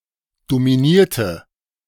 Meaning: inflection of dominieren: 1. first/third-person singular preterite 2. first/third-person singular subjunctive II
- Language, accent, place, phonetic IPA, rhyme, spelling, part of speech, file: German, Germany, Berlin, [domiˈniːɐ̯tə], -iːɐ̯tə, dominierte, adjective / verb, De-dominierte.ogg